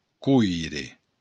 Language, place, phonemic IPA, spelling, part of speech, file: Occitan, Béarn, /ˈkujɾe/, coire, noun, LL-Q14185 (oci)-coire.wav
- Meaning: copper